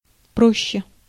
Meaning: 1. comparative degree of просто́й (prostój) 2. comparative degree of про́сто (prósto)
- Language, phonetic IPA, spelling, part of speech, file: Russian, [ˈproɕːe], проще, adverb, Ru-проще.ogg